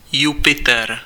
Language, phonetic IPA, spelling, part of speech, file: Czech, [ˈjupɪtɛr], Jupiter, proper noun, Cs-Jupiter.ogg
- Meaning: 1. Jupiter (Roman god) 2. Jupiter (planet)